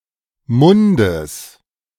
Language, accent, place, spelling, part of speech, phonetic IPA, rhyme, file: German, Germany, Berlin, Mundes, noun, [ˈmʊndəs], -ʊndəs, De-Mundes.ogg
- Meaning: genitive singular of Mund